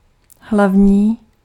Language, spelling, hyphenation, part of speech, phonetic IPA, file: Czech, hlavní, hlav‧ní, adjective / noun, [ˈɦlavɲiː], Cs-hlavní.ogg
- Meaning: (adjective) 1. main 2. major; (noun) inflection of hlaveň: 1. instrumental singular 2. genitive plural